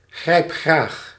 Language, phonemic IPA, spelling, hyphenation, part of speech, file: Dutch, /ˈɣrɛi̯p.xraːx/, grijpgraag, grijp‧graag, adjective, Nl-grijpgraag.ogg
- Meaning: grabby